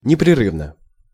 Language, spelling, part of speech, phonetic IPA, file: Russian, непрерывно, adverb / adjective, [nʲɪprʲɪˈrɨvnə], Ru-непрерывно.ogg
- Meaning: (adverb) incessantly (in a manner without pause or stop); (adjective) short neuter singular of непреры́вный (neprerývnyj)